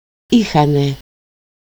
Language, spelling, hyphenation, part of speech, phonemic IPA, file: Greek, είχανε, εί‧χα‧νε, verb, /ˈi.xa.ne/, El-είχανε.ogg
- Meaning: alternative form of έχουν (échoun): "they had"